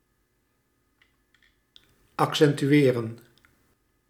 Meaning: to accentuate
- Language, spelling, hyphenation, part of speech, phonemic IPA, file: Dutch, accentueren, ac‧cen‧tu‧e‧ren, verb, /ɑk.sɛntyˈeːrə(n)/, Nl-accentueren.ogg